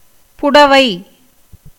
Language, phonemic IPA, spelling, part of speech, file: Tamil, /pʊɖɐʋɐɪ̯/, புடவை, noun, Ta-புடவை.ogg
- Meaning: sari, cloth